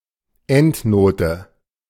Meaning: endnote
- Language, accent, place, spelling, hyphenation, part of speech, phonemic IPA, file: German, Germany, Berlin, Endnote, End‧no‧te, noun, /ˈɛntˌnoːtə/, De-Endnote.ogg